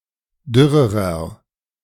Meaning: inflection of dürr: 1. strong/mixed nominative masculine singular comparative degree 2. strong genitive/dative feminine singular comparative degree 3. strong genitive plural comparative degree
- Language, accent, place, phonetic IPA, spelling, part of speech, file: German, Germany, Berlin, [ˈdʏʁəʁɐ], dürrerer, adjective, De-dürrerer.ogg